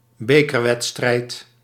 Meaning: a match in which the winner of a cup is decided; a final of a cup
- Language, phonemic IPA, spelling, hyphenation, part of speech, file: Dutch, /ˈbeː.kərˌʋɛt.strɛi̯t/, bekerwedstrijd, be‧ker‧wed‧strijd, noun, Nl-bekerwedstrijd.ogg